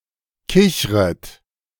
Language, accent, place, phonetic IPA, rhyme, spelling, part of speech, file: German, Germany, Berlin, [ˈkɪçʁət], -ɪçʁət, kichret, verb, De-kichret.ogg
- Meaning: second-person plural subjunctive I of kichern